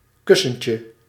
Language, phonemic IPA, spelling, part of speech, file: Dutch, /ˈkʏsəɲcə/, kussentje, noun, Nl-kussentje.ogg
- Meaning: 1. diminutive of kussen 2. toe bean (digital pad of a cat or dog's paw)